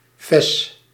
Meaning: fez
- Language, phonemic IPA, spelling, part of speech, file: Dutch, /fɛs/, fez, noun, Nl-fez.ogg